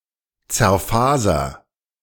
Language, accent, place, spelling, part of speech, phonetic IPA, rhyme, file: German, Germany, Berlin, zerfaser, verb, [t͡sɛɐ̯ˈfaːzɐ], -aːzɐ, De-zerfaser.ogg
- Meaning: inflection of zerfasern: 1. first-person singular present 2. singular imperative